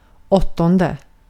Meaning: eighth
- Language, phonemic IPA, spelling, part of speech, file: Swedish, /ˈɔˌtɔndɛ/, åttonde, numeral, Sv-åttonde.ogg